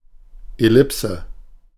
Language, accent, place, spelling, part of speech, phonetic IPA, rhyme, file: German, Germany, Berlin, Ellipse, noun, [ɛˈlɪpsə], -ɪpsə, De-Ellipse.ogg
- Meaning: 1. ellipse 2. ellipsis